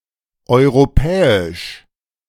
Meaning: European
- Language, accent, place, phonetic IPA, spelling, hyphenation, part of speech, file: German, Germany, Berlin, [ʔɔʏ̯ʁoˈpʰɛːɪ̯ʃ], europäisch, eu‧ro‧pä‧isch, adjective, De-europäisch.ogg